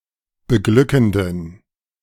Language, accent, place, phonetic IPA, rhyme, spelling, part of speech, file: German, Germany, Berlin, [bəˈɡlʏkn̩dən], -ʏkn̩dən, beglückenden, adjective, De-beglückenden.ogg
- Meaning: inflection of beglückend: 1. strong genitive masculine/neuter singular 2. weak/mixed genitive/dative all-gender singular 3. strong/weak/mixed accusative masculine singular 4. strong dative plural